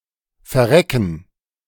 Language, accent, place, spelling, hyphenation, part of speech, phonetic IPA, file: German, Germany, Berlin, verrecken, ver‧re‧cken, verb, [fɛɐ̯ˈʁɛkn̩], De-verrecken.ogg
- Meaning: to croak, die